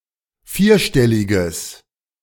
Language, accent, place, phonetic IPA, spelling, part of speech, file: German, Germany, Berlin, [ˈfiːɐ̯ˌʃtɛlɪɡəs], vierstelliges, adjective, De-vierstelliges.ogg
- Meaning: strong/mixed nominative/accusative neuter singular of vierstellig